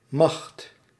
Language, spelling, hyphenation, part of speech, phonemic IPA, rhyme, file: Dutch, macht, macht, noun, /mɑxt/, -ɑxt, Nl-macht.ogg
- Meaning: 1. political power, control 2. power, might, capability 3. a power in international politics 4. a military force, such as an army 5. power (of multiplication)